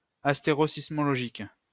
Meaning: asteroseismological
- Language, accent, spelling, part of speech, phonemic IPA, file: French, France, astérosismologique, adjective, /as.te.ʁo.sis.mɔ.lɔ.ʒik/, LL-Q150 (fra)-astérosismologique.wav